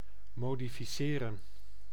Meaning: to modify
- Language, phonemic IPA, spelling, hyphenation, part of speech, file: Dutch, /moː.di.fiˈseː.rə(n)/, modificeren, mo‧di‧fi‧ce‧ren, verb, Nl-modificeren.ogg